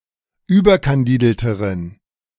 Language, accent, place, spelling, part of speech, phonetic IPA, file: German, Germany, Berlin, überkandidelteren, adjective, [ˈyːbɐkanˌdiːdl̩təʁən], De-überkandidelteren.ogg
- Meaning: inflection of überkandidelt: 1. strong genitive masculine/neuter singular comparative degree 2. weak/mixed genitive/dative all-gender singular comparative degree